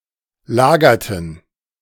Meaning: inflection of lagern: 1. first/third-person plural preterite 2. first/third-person plural subjunctive II
- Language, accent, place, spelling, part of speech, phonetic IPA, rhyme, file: German, Germany, Berlin, lagerten, verb, [ˈlaːɡɐtn̩], -aːɡɐtn̩, De-lagerten.ogg